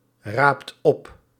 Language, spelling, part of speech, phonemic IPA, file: Dutch, raapt op, verb, /ˈrapt ˈɔp/, Nl-raapt op.ogg
- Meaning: inflection of oprapen: 1. second/third-person singular present indicative 2. plural imperative